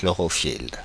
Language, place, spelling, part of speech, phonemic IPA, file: French, Paris, chlorophylle, noun, /klɔ.ʁɔ.fil/, Fr-chlorophylle.oga
- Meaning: chlorophyll